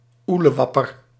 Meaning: nincompoop, simpleton, numpty, fool
- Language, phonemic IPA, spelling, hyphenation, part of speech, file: Dutch, /ˈuləˌʋɑpər/, oelewapper, oe‧le‧wap‧per, noun, Nl-oelewapper.ogg